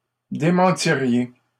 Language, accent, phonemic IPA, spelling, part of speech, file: French, Canada, /de.mɑ̃.ti.ʁje/, démentiriez, verb, LL-Q150 (fra)-démentiriez.wav
- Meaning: second-person plural conditional of démentir